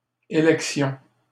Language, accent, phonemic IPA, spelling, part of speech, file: French, Canada, /e.lɛk.sjɔ̃/, élections, noun, LL-Q150 (fra)-élections.wav
- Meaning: plural of élection